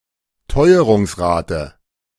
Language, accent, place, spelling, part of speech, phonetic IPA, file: German, Germany, Berlin, Teuerungsrate, noun, [ˈtɔɪ̯əʁʊŋsˌʁaːtə], De-Teuerungsrate.ogg
- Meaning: rate of price increases